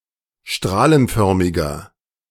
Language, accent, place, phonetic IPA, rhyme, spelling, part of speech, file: German, Germany, Berlin, [ˈʃtʁaːlənˌfœʁmɪɡɐ], -aːlənfœʁmɪɡɐ, strahlenförmiger, adjective, De-strahlenförmiger.ogg
- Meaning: inflection of strahlenförmig: 1. strong/mixed nominative masculine singular 2. strong genitive/dative feminine singular 3. strong genitive plural